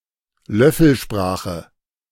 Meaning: a language game which involves the reduplication of all vowel sounds (or all non-word-final vowel sounds) and the infixation of the syllable lew
- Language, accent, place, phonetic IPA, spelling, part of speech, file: German, Germany, Berlin, [ˈlœfəlˌʃpʁaːxə], Löffelsprache, noun, De-Löffelsprache.ogg